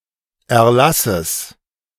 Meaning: genitive of Erlass
- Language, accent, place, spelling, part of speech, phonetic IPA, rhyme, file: German, Germany, Berlin, Erlasses, noun, [ɛɐ̯ˈlasəs], -asəs, De-Erlasses.ogg